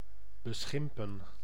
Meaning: 1. to taunt 2. to abuse
- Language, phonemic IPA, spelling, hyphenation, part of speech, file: Dutch, /bəˈsxɪmpə(n)/, beschimpen, be‧schim‧pen, verb, Nl-beschimpen.ogg